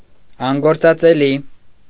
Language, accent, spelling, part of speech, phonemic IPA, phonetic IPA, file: Armenian, Eastern Armenian, անգործածելի, adjective, /ɑnɡoɾt͡sɑt͡seˈli/, [ɑŋɡoɾt͡sɑt͡selí], Hy-անգործածելի.ogg
- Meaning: unusable